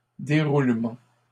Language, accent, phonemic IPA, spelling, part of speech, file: French, Canada, /de.ʁul.mɑ̃/, déroulement, noun, LL-Q150 (fra)-déroulement.wav
- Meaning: unfolding, event, occurrence